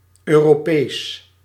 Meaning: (adjective) European, related to Europe and its civilisation; or the European Union; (noun) a European (entity)
- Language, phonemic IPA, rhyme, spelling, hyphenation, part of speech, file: Dutch, /ˌøː.roːˈpeːs/, -eːs, Europees, Eu‧ro‧pees, adjective / noun, Nl-Europees.ogg